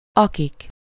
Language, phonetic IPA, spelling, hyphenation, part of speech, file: Hungarian, [ˈɒkik], akik, akik, pronoun, Hu-akik.ogg
- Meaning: nominative plural of aki